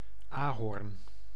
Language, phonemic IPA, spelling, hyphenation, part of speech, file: Dutch, /aːˈɦɔrn/, ahorn, ahorn, noun, Nl-ahorn.ogg
- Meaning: maple, tree of the genus Acer